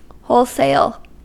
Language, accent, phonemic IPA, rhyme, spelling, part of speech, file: English, US, /ˈhoʊlseɪl/, -oʊlseɪl, wholesale, noun / adjective / adverb / verb, En-us-wholesale.ogg
- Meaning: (noun) The sale of products, often in large quantities, to retailers or other merchants; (adjective) Of or relating to sale in large quantities, for resale